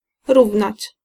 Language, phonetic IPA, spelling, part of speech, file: Polish, [ˈruvnat͡ɕ], równać, verb, Pl-równać.ogg